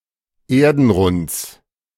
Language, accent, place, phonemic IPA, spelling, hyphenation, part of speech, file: German, Germany, Berlin, /ˈeːɐ̯dn̩ˌʁʊnt͡s/, Erdenrunds, Er‧den‧runds, noun, De-Erdenrunds.ogg
- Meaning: genitive singular of Erdenrund